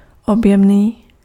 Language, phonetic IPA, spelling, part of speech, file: Czech, [ˈobjɛmniː], objemný, adjective, Cs-objemný.ogg
- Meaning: bulky, voluminous